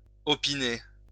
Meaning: to opine
- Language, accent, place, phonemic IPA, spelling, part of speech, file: French, France, Lyon, /ɔ.pi.ne/, opiner, verb, LL-Q150 (fra)-opiner.wav